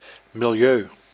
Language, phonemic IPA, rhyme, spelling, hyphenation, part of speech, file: Dutch, /mɪlˈjøː/, -øː, milieu, mi‧li‧eu, noun, Nl-milieu.ogg
- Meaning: 1. environment 2. milieu